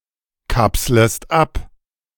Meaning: second-person singular subjunctive I of abkapseln
- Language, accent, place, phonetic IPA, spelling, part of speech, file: German, Germany, Berlin, [ˌkapsləst ˈap], kapslest ab, verb, De-kapslest ab.ogg